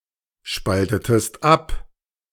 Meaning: inflection of abspalten: 1. second-person singular preterite 2. second-person singular subjunctive II
- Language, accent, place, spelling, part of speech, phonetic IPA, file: German, Germany, Berlin, spaltetest ab, verb, [ˌʃpaltətəst ˈap], De-spaltetest ab.ogg